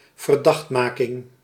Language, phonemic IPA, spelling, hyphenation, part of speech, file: Dutch, /vərˈdɑxtˌmaː.kɪŋ/, verdachtmaking, ver‧dacht‧ma‧king, noun, Nl-verdachtmaking.ogg
- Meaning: imputation, insinuation about wrongdoing